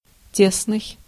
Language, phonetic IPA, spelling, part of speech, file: Russian, [ˈtʲesnɨj], тесный, adjective, Ru-тесный.ogg
- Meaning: 1. tight, close, narrow 2. small